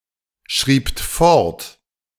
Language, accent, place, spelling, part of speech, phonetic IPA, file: German, Germany, Berlin, schriebt fort, verb, [ˌʃʁiːpt ˈfɔʁt], De-schriebt fort.ogg
- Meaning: second-person plural preterite of fortschreiben